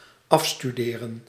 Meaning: to graduate: successfully complete one's studies
- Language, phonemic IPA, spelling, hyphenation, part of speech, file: Dutch, /ˈɑfstydeːrə(n)/, afstuderen, af‧stu‧de‧ren, verb, Nl-afstuderen.ogg